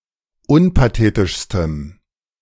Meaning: strong dative masculine/neuter singular superlative degree of unpathetisch
- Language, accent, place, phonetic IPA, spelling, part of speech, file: German, Germany, Berlin, [ˈʊnpaˌteːtɪʃstəm], unpathetischstem, adjective, De-unpathetischstem.ogg